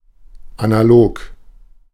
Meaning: 1. analogous 2. analog 3. analog, material (not electronic or computerised)
- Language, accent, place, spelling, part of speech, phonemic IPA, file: German, Germany, Berlin, analog, adjective, /anaˈloːk/, De-analog.ogg